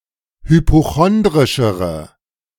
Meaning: inflection of hypochondrisch: 1. strong/mixed nominative/accusative feminine singular comparative degree 2. strong nominative/accusative plural comparative degree
- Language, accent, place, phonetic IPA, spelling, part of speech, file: German, Germany, Berlin, [hypoˈxɔndʁɪʃəʁə], hypochondrischere, adjective, De-hypochondrischere.ogg